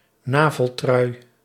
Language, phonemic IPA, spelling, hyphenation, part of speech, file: Dutch, /ˈnaː.vəlˌtrœy̯/, naveltrui, na‧vel‧trui, noun, Nl-naveltrui.ogg
- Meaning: crop top